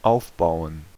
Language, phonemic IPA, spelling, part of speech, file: German, /ˈaʊ̯fbaʊ̯ən/, aufbauen, verb, De-aufbauen.ogg
- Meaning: 1. to build, to construct, to erect 2. to rebuild, to reconstruct 3. to set up, to put up, to pitch (a tent) 4. to build up 5. to establish, to develop 6. to build (muscles) 7. to be based